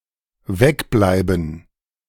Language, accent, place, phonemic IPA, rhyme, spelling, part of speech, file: German, Germany, Berlin, /ˈvɛkˌblaɪ̯bən/, -aɪ̯bən, wegbleiben, verb, De-wegbleiben.ogg
- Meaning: to stay away